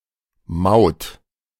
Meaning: 1. toll (for a road, tunnel etc.) 2. toll, customs, duty
- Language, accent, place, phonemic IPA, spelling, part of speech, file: German, Germany, Berlin, /maʊ̯t/, Maut, noun, De-Maut.ogg